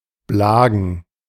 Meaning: plural of Blag
- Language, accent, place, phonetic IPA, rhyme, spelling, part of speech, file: German, Germany, Berlin, [ˈblaːɡn̩], -aːɡn̩, Blagen, noun, De-Blagen.ogg